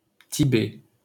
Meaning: 1. Tibet (a geographic region in Central Asia, the homeland of the Tibetan people) 2. Tibet (an autonomous region of China)
- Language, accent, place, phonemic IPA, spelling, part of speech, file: French, France, Paris, /ti.bɛ/, Tibet, proper noun, LL-Q150 (fra)-Tibet.wav